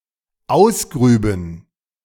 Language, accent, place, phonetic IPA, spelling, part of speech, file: German, Germany, Berlin, [ˈaʊ̯sˌɡʁyːbn̩], ausgrüben, verb, De-ausgrüben.ogg
- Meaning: first/third-person plural dependent subjunctive II of ausgraben